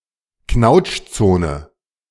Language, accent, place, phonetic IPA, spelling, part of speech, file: German, Germany, Berlin, [ˈknaʊ̯t͡ʃˌt͡soːnə], Knautschzone, noun, De-Knautschzone.ogg
- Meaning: crumple zone